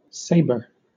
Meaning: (noun) 1. US standard spelling of sabre 2. Clipping of lightsaber
- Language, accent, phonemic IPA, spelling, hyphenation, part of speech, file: English, Southern England, /ˈseɪ.bə/, saber, sa‧ber, noun / verb, LL-Q1860 (eng)-saber.wav